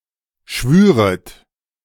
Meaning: second-person plural subjunctive II of schwören
- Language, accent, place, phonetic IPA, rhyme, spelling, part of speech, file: German, Germany, Berlin, [ˈʃvyːʁət], -yːʁət, schwüret, verb, De-schwüret.ogg